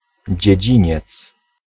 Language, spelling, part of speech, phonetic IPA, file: Polish, dziedziniec, noun, [d͡ʑɛ̇ˈd͡ʑĩɲɛt͡s], Pl-dziedziniec.ogg